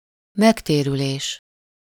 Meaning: return, payback (financial gain from investment)
- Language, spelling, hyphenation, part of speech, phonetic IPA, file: Hungarian, megtérülés, meg‧té‧rü‧lés, noun, [ˈmɛkteːryleːʃ], Hu-megtérülés.ogg